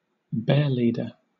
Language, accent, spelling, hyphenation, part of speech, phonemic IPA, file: English, Southern England, bearleader, bear‧lead‧er, noun, /ˈbɛəˌliːdə/, LL-Q1860 (eng)-bearleader.wav
- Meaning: Someone who handles and keeps bears, especially for use in public entertainments such as bearbaiting or dancing displays; a bearward